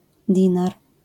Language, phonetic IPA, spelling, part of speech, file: Polish, [ˈdʲĩnar], dinar, noun, LL-Q809 (pol)-dinar.wav